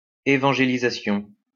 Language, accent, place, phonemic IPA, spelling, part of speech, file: French, France, Lyon, /e.vɑ̃.ʒe.li.za.sjɔ̃/, évangélisation, noun, LL-Q150 (fra)-évangélisation.wav
- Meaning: evangelisation